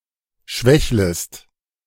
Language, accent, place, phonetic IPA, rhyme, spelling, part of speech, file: German, Germany, Berlin, [ˈʃvɛçləst], -ɛçləst, schwächlest, verb, De-schwächlest.ogg
- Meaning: second-person singular subjunctive I of schwächeln